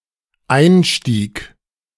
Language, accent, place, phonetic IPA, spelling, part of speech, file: German, Germany, Berlin, [ˈaɪ̯nˌʃtiːk], einstieg, verb, De-einstieg.ogg
- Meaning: first/third-person singular dependent preterite of einsteigen